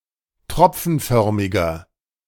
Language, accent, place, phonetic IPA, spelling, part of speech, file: German, Germany, Berlin, [ˈtʁɔp͡fn̩ˌfœʁmɪɡɐ], tropfenförmiger, adjective, De-tropfenförmiger.ogg
- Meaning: inflection of tropfenförmig: 1. strong/mixed nominative masculine singular 2. strong genitive/dative feminine singular 3. strong genitive plural